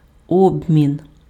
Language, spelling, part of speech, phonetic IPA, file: Ukrainian, обмін, noun, [ˈɔbmʲin], Uk-обмін.ogg
- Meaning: 1. exchange 2. interchange